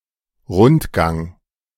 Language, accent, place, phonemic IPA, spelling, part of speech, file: German, Germany, Berlin, /ˈʁʊntˌɡaŋ/, Rundgang, noun, De-Rundgang.ogg
- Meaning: 1. walk, tour 2. rounds 3. circular gallery